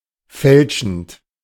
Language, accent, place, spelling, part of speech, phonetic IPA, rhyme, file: German, Germany, Berlin, fälschend, verb, [ˈfɛlʃn̩t], -ɛlʃn̩t, De-fälschend.ogg
- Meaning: present participle of fälschen